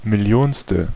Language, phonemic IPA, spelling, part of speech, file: German, /mɪˈli̯oːnstə/, millionste, adjective, De-millionste.ogg
- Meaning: millionth